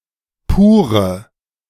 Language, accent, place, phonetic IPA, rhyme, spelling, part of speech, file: German, Germany, Berlin, [ˈpuːʁə], -uːʁə, pure, adjective, De-pure.ogg
- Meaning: inflection of pur: 1. strong/mixed nominative/accusative feminine singular 2. strong nominative/accusative plural 3. weak nominative all-gender singular 4. weak accusative feminine/neuter singular